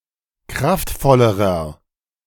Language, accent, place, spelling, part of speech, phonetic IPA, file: German, Germany, Berlin, kraftvollerer, adjective, [ˈkʁaftˌfɔləʁɐ], De-kraftvollerer.ogg
- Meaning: inflection of kraftvoll: 1. strong/mixed nominative masculine singular comparative degree 2. strong genitive/dative feminine singular comparative degree 3. strong genitive plural comparative degree